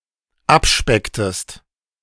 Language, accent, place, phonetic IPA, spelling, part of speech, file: German, Germany, Berlin, [ˈapˌʃpɛktəst], abspecktest, verb, De-abspecktest.ogg
- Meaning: inflection of abspecken: 1. second-person singular dependent preterite 2. second-person singular dependent subjunctive II